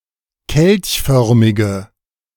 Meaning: inflection of kelchförmig: 1. strong/mixed nominative/accusative feminine singular 2. strong nominative/accusative plural 3. weak nominative all-gender singular
- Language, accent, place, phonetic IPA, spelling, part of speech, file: German, Germany, Berlin, [ˈkɛlçˌfœʁmɪɡə], kelchförmige, adjective, De-kelchförmige.ogg